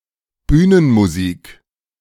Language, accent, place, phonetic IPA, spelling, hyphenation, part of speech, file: German, Germany, Berlin, [ˈbyːnənmuziːk], Bühnenmusik, Büh‧nen‧mu‧sik, noun, De-Bühnenmusik.ogg
- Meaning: incidental music